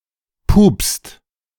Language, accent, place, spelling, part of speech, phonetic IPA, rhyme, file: German, Germany, Berlin, pupst, verb, [puːpst], -uːpst, De-pupst.ogg
- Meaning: inflection of pupsen: 1. second/third-person singular present 2. second-person plural present 3. plural imperative